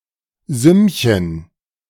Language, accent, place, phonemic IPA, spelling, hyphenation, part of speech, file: German, Germany, Berlin, /ˈzʏmçən/, Sümmchen, Sümm‧chen, noun, De-Sümmchen.ogg
- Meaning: 1. diminutive of Summe: little sum 2. pretty penny